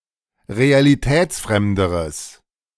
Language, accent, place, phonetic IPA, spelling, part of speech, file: German, Germany, Berlin, [ʁealiˈtɛːt͡sˌfʁɛmdəʁəs], realitätsfremderes, adjective, De-realitätsfremderes.ogg
- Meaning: strong/mixed nominative/accusative neuter singular comparative degree of realitätsfremd